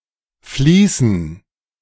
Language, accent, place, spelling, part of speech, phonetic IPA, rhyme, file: German, Germany, Berlin, Fließen, noun, [ˈfliːsn̩], -iːsn̩, De-Fließen.ogg
- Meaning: dative plural of Fließ